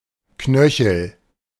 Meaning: 1. ankle 2. knuckle
- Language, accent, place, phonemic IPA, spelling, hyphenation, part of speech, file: German, Germany, Berlin, /ˈknœ.çl̩/, Knöchel, Knö‧chel, noun, De-Knöchel.ogg